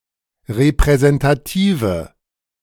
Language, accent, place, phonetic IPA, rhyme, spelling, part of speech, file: German, Germany, Berlin, [ʁepʁɛzɛntaˈtiːvə], -iːvə, repräsentative, adjective, De-repräsentative.ogg
- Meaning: inflection of repräsentativ: 1. strong/mixed nominative/accusative feminine singular 2. strong nominative/accusative plural 3. weak nominative all-gender singular